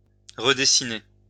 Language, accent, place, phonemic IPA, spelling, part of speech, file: French, France, Lyon, /ʁə.de.si.ne/, redessiner, verb, LL-Q150 (fra)-redessiner.wav
- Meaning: to redesign